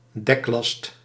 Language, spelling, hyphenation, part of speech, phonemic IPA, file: Dutch, deklast, dek‧last, noun, /ˈdɛk.lɑst/, Nl-deklast.ogg
- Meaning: cargo stored on a ship's deck